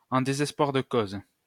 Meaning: in desperation, out of desperation, as a last resort
- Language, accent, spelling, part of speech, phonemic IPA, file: French, France, en désespoir de cause, adverb, /ɑ̃ de.zɛs.pwaʁ də koz/, LL-Q150 (fra)-en désespoir de cause.wav